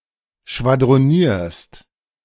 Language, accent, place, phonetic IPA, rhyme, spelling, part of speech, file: German, Germany, Berlin, [ʃvadʁoˈniːɐ̯st], -iːɐ̯st, schwadronierst, verb, De-schwadronierst.ogg
- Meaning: second-person singular present of schwadronieren